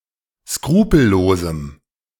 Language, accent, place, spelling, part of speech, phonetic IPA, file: German, Germany, Berlin, skrupellosem, adjective, [ˈskʁuːpl̩ˌloːzm̩], De-skrupellosem.ogg
- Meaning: strong dative masculine/neuter singular of skrupellos